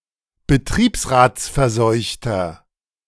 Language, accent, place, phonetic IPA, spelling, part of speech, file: German, Germany, Berlin, [bəˈtʁiːpsʁaːt͡sfɛɐ̯ˌzɔɪ̯çtɐ], betriebsratsverseuchter, adjective, De-betriebsratsverseuchter.ogg
- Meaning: inflection of betriebsratsverseucht: 1. strong/mixed nominative masculine singular 2. strong genitive/dative feminine singular 3. strong genitive plural